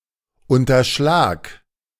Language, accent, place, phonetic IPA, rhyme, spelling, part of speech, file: German, Germany, Berlin, [ˌʊntɐˈʃlaːk], -aːk, unterschlag, verb, De-unterschlag.ogg
- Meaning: singular imperative of unterschlagen